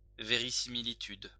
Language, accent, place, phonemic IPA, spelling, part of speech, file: French, France, Lyon, /və.ʁi.si.mi.li.tyd/, verisimilitude, noun, LL-Q150 (fra)-verisimilitude.wav
- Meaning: verisimilitude